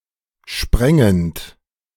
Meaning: present participle of sprengen
- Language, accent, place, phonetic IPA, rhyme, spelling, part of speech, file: German, Germany, Berlin, [ˈʃpʁɛŋənt], -ɛŋənt, sprengend, verb, De-sprengend.ogg